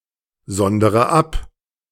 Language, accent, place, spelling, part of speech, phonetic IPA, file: German, Germany, Berlin, sondere ab, verb, [ˌzɔndəʁə ˈap], De-sondere ab.ogg
- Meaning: inflection of absondern: 1. first-person singular present 2. first/third-person singular subjunctive I 3. singular imperative